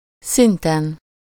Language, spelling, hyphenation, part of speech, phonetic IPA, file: Hungarian, szinten, szin‧ten, noun, [ˈsintɛn], Hu-szinten.ogg
- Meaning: superessive singular of szint